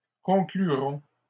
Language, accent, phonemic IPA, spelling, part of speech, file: French, Canada, /kɔ̃.kly.ʁɔ̃/, conclurons, verb, LL-Q150 (fra)-conclurons.wav
- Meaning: first-person plural simple future of conclure